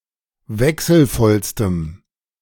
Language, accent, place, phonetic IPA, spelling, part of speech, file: German, Germany, Berlin, [ˈvɛksl̩ˌfɔlstəm], wechselvollstem, adjective, De-wechselvollstem.ogg
- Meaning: strong dative masculine/neuter singular superlative degree of wechselvoll